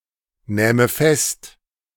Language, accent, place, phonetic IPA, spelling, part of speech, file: German, Germany, Berlin, [ˌnɛːmə ˈfɛst], nähme fest, verb, De-nähme fest.ogg
- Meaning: first/third-person singular subjunctive II of festnehmen